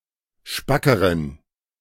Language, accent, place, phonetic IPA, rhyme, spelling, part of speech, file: German, Germany, Berlin, [ˈʃpakəʁən], -akəʁən, spackeren, adjective, De-spackeren.ogg
- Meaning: inflection of spack: 1. strong genitive masculine/neuter singular comparative degree 2. weak/mixed genitive/dative all-gender singular comparative degree